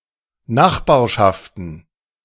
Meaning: plural of Nachbarschaft
- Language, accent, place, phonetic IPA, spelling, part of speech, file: German, Germany, Berlin, [ˈnaxbaːɐ̯ʃaftn̩], Nachbarschaften, noun, De-Nachbarschaften.ogg